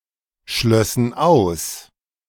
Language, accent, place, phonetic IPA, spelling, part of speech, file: German, Germany, Berlin, [ˌʃlœsn̩ ˈaʊ̯s], schlössen aus, verb, De-schlössen aus.ogg
- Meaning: first/third-person plural subjunctive II of ausschließen